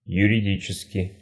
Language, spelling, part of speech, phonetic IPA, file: Russian, юридически, adverb, [jʉrʲɪˈdʲit͡ɕɪskʲɪ], Ru-юридически.ogg
- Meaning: legally, juridically, de jure